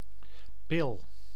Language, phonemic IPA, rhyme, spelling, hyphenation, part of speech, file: Dutch, /pɪl/, -ɪl, pil, pil, noun, Nl-pil.ogg
- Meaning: 1. a pill, a usually ball- or oval-shaped, coated portion of a drug to be taken orally 2. 'the' contraceptive pill 3. an analogous ball-shaped object 4. an expert in pill use: a pharmacist